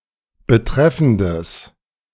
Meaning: strong/mixed nominative/accusative neuter singular of betreffend
- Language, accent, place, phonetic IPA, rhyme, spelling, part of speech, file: German, Germany, Berlin, [bəˈtʁɛfn̩dəs], -ɛfn̩dəs, betreffendes, adjective, De-betreffendes.ogg